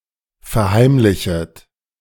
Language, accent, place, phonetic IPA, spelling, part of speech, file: German, Germany, Berlin, [fɛɐ̯ˈhaɪ̯mlɪçət], verheimlichet, verb, De-verheimlichet.ogg
- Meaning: second-person plural subjunctive I of verheimlichen